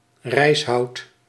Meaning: narrow branches and twigs, in particular of willows
- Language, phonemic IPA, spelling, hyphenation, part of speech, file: Dutch, /ˈrɛi̯s.ɦɑu̯t/, rijshout, rijs‧hout, noun, Nl-rijshout.ogg